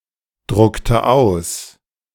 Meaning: inflection of ausdrucken: 1. first/third-person singular preterite 2. first/third-person singular subjunctive II
- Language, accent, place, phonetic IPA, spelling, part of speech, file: German, Germany, Berlin, [ˌdʁʊktə ˈaʊ̯s], druckte aus, verb, De-druckte aus.ogg